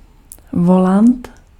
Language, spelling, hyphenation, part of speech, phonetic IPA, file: Czech, volant, vo‧lant, noun, [ˈvolant], Cs-volant.ogg
- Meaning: steering wheel